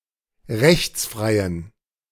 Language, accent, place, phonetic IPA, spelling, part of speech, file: German, Germany, Berlin, [ˈʁɛçt͡sˌfʁaɪ̯ən], rechtsfreien, adjective, De-rechtsfreien.ogg
- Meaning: inflection of rechtsfrei: 1. strong genitive masculine/neuter singular 2. weak/mixed genitive/dative all-gender singular 3. strong/weak/mixed accusative masculine singular 4. strong dative plural